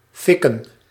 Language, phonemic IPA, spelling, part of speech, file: Dutch, /ˈfɪkə(n)/, fikken, verb / noun, Nl-fikken.ogg
- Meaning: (verb) to burn; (noun) 1. fingers 2. plural of fik